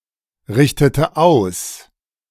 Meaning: inflection of ausrichten: 1. first/third-person singular preterite 2. first/third-person singular subjunctive II
- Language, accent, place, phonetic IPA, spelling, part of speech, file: German, Germany, Berlin, [ˌʁɪçtətə ˈaʊ̯s], richtete aus, verb, De-richtete aus.ogg